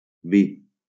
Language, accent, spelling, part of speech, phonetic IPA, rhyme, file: Catalan, Valencia, vi, noun, [ˈvi], -i, LL-Q7026 (cat)-vi.wav
- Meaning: wine (alcoholic beverage)